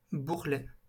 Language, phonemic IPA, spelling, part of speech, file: French, /buʁ.lɛ/, bourrelet, noun, LL-Q150 (fra)-bourrelet.wav
- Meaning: 1. padding 2. roll of fat 3. bourrelet